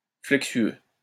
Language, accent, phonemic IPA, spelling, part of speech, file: French, France, /flɛk.sɥø/, flexueux, adjective, LL-Q150 (fra)-flexueux.wav
- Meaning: flexuous, sinuous